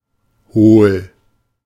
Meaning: 1. hollow 2. concave; cupped 3. empty, hollow 4. dense; daft (stupid, usually only of people)
- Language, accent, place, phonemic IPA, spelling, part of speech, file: German, Germany, Berlin, /hoːl/, hohl, adjective, De-hohl.ogg